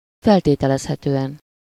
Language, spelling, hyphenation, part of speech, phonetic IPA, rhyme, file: Hungarian, feltételezhetően, fel‧té‧te‧lez‧he‧tő‧en, adverb, [ˈfɛlteːtɛlɛshɛtøːɛn], -ɛn, Hu-feltételezhetően.ogg
- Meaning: presumably (able to be sensibly presumed)